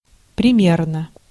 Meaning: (adverb) 1. about, approximately 2. exemplarily; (adjective) short neuter singular of приме́рный (primérnyj)
- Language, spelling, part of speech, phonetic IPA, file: Russian, примерно, adverb / adjective, [prʲɪˈmʲernə], Ru-примерно.ogg